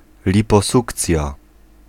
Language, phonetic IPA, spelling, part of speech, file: Polish, [ˌlʲipɔˈsukt͡sʲja], liposukcja, noun, Pl-liposukcja.ogg